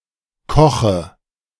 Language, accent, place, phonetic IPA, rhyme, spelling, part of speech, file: German, Germany, Berlin, [ˈkɔxə], -ɔxə, Koche, noun, De-Koche.ogg
- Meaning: dative singular of Koch